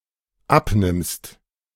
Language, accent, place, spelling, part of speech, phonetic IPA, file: German, Germany, Berlin, abnimmst, verb, [ˈapˌnɪmst], De-abnimmst.ogg
- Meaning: second-person singular dependent present of abnehmen